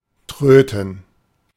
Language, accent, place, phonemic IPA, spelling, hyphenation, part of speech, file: German, Germany, Berlin, /ˈtʁøːtn̩/, tröten, trö‧ten, verb, De-tröten.ogg
- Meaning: to play a wind instrument